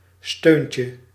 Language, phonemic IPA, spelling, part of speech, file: Dutch, /ˈstøɲcə/, steuntje, noun, Nl-steuntje.ogg
- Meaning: diminutive of steun